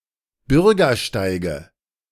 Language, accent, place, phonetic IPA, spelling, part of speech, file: German, Germany, Berlin, [ˈbʏʁɡɐˌʃtaɪ̯ɡə], Bürgersteige, noun, De-Bürgersteige.ogg
- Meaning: nominative/accusative/genitive plural of Bürgersteig